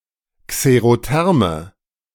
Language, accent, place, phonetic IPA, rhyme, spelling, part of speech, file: German, Germany, Berlin, [kseʁoˈtɛʁmə], -ɛʁmə, xerotherme, adjective, De-xerotherme.ogg
- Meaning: inflection of xerotherm: 1. strong/mixed nominative/accusative feminine singular 2. strong nominative/accusative plural 3. weak nominative all-gender singular